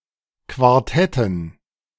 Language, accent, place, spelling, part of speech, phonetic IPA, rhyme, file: German, Germany, Berlin, Quartetten, noun, [kvaʁˈtɛtn̩], -ɛtn̩, De-Quartetten.ogg
- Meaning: dative plural of Quartett